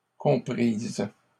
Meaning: feminine plural of compris
- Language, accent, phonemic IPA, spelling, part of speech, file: French, Canada, /kɔ̃.pʁiz/, comprises, verb, LL-Q150 (fra)-comprises.wav